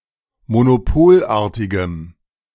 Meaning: strong dative masculine/neuter singular of monopolartig
- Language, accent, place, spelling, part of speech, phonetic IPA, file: German, Germany, Berlin, monopolartigem, adjective, [monoˈpoːlˌʔaːɐ̯tɪɡəm], De-monopolartigem.ogg